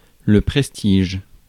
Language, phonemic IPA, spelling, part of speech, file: French, /pʁɛs.tiʒ/, prestige, noun, Fr-prestige.ogg
- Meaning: prestige